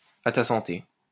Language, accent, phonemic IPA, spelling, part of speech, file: French, France, /a ta sɑ̃.te/, à ta santé, interjection, LL-Q150 (fra)-à ta santé.wav
- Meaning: cheers lit. "to your health" (used as a toast to drinking)